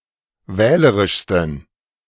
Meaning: 1. superlative degree of wählerisch 2. inflection of wählerisch: strong genitive masculine/neuter singular superlative degree
- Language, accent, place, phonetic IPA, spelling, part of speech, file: German, Germany, Berlin, [ˈvɛːləʁɪʃstn̩], wählerischsten, adjective, De-wählerischsten.ogg